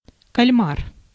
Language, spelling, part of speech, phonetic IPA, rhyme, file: Russian, кальмар, noun, [kɐlʲˈmar], -ar, Ru-кальмар.ogg
- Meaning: squid